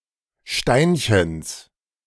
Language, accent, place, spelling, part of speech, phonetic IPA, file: German, Germany, Berlin, Steinchens, noun, [ˈʃtaɪ̯nçn̩s], De-Steinchens.ogg
- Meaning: genitive singular of Steinchen